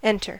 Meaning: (verb) 1. To go or come into an enclosed or partially enclosed space 2. To cause to go (into), or to be received (into); to put in; to insert; to cause to be admitted
- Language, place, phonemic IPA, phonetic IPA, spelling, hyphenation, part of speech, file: English, California, /ˈɛntɚ/, [ˈɛɾ̃ɚ], enter, en‧ter, verb / noun, En-us-enter.ogg